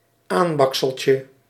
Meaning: diminutive of aanbaksel
- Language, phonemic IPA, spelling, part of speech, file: Dutch, /ˈambɑksəlcə/, aanbakseltje, noun, Nl-aanbakseltje.ogg